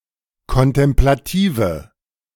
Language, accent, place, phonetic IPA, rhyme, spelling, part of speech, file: German, Germany, Berlin, [kɔntɛmplaˈtiːvə], -iːvə, kontemplative, adjective, De-kontemplative.ogg
- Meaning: inflection of kontemplativ: 1. strong/mixed nominative/accusative feminine singular 2. strong nominative/accusative plural 3. weak nominative all-gender singular